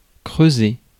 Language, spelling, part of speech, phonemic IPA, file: French, creuser, verb, /kʁø.ze/, Fr-creuser.ogg
- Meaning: 1. to dig 2. to hollow out 3. to grow hollow